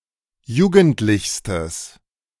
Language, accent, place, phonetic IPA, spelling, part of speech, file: German, Germany, Berlin, [ˈjuːɡn̩tlɪçstəs], jugendlichstes, adjective, De-jugendlichstes.ogg
- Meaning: strong/mixed nominative/accusative neuter singular superlative degree of jugendlich